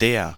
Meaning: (article) 1. nominative masculine singular definite article, the 2. inflection of der: nominative masculine singular 3. inflection of der: genitive/dative feminine singular
- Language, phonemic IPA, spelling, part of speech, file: German, /deːr/, der, article / pronoun, De-der.ogg